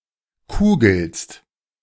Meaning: second-person singular present of kugeln
- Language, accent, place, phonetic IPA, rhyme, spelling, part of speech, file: German, Germany, Berlin, [ˈkuːɡl̩st], -uːɡl̩st, kugelst, verb, De-kugelst.ogg